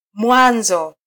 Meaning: 1. start 2. beginning
- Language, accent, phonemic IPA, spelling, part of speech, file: Swahili, Kenya, /ˈmʷɑ.ⁿzɔ/, mwanzo, noun, Sw-ke-mwanzo.flac